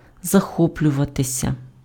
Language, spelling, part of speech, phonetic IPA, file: Ukrainian, захоплюватися, verb, [zɐˈxɔplʲʊʋɐtesʲɐ], Uk-захоплюватися.ogg
- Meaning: 1. to get carried away, to get excited 2. to enthuse, to admire 3. to be fond of 4. to take a fancy to, to get infatuated with 5. passive of захо́плювати impf (zaxópljuvaty)